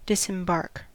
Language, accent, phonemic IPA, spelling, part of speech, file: English, US, /ˌdɪs.ɪmˈbɑɹk/, disembark, verb, En-us-disembark.ogg
- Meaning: 1. To remove from on board a vessel; to put on shore 2. To go ashore out of a ship or boat; to leave a train or aircraft 3. To go ashore from (a boat); to leave (a train or aircraft)